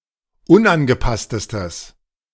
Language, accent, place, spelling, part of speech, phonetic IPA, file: German, Germany, Berlin, unangepasstestes, adjective, [ˈʊnʔanɡəˌpastəstəs], De-unangepasstestes.ogg
- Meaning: strong/mixed nominative/accusative neuter singular superlative degree of unangepasst